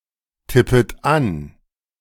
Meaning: second-person plural subjunctive I of antippen
- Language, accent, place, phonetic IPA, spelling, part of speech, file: German, Germany, Berlin, [ˌtɪpət ˈan], tippet an, verb, De-tippet an.ogg